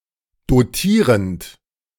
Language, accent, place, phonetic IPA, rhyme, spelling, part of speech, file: German, Germany, Berlin, [doˈtiːʁənt], -iːʁənt, dotierend, verb, De-dotierend.ogg
- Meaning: present participle of dotieren